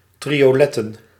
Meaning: plural of triolet
- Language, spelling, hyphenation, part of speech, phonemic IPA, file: Dutch, trioletten, tri‧o‧let‧ten, noun, /ˌtri.(j)oːˈlɛ.tə(n)/, Nl-trioletten.ogg